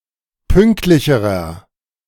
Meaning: inflection of pünktlich: 1. strong/mixed nominative masculine singular comparative degree 2. strong genitive/dative feminine singular comparative degree 3. strong genitive plural comparative degree
- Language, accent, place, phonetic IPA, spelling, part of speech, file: German, Germany, Berlin, [ˈpʏŋktlɪçəʁɐ], pünktlicherer, adjective, De-pünktlicherer.ogg